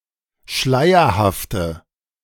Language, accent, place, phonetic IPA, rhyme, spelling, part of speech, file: German, Germany, Berlin, [ˈʃlaɪ̯ɐhaftə], -aɪ̯ɐhaftə, schleierhafte, adjective, De-schleierhafte.ogg
- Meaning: inflection of schleierhaft: 1. strong/mixed nominative/accusative feminine singular 2. strong nominative/accusative plural 3. weak nominative all-gender singular